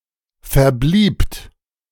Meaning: second-person plural preterite of verbleiben
- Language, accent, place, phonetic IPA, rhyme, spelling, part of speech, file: German, Germany, Berlin, [fɛɐ̯ˈbliːpt], -iːpt, verbliebt, verb, De-verbliebt.ogg